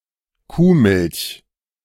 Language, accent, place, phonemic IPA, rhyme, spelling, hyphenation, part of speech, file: German, Germany, Berlin, /ˈkuːˌmɪlç/, -ɪlç, Kuhmilch, Kuh‧milch, noun, De-Kuhmilch.ogg
- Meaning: cow's milk